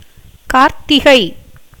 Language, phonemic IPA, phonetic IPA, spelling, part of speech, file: Tamil, /kɑːɾt̪ːɪɡɐɪ̯/, [käːɾt̪ːɪɡɐɪ̯], கார்த்திகை, proper noun, Ta-கார்த்திகை.ogg
- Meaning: Karthigai, the eighth month of the Tamil year, occuring in November-December in the Gregorian Calendar. Preceded by ஐப்பசி (aippaci) and followed by மார்கழி (mārkaḻi)